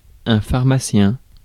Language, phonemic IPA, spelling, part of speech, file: French, /faʁ.ma.sjɛ̃/, pharmacien, noun, Fr-pharmacien.ogg
- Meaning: 1. pharmacist 2. chemist (dispensing chemist) 3. apothecary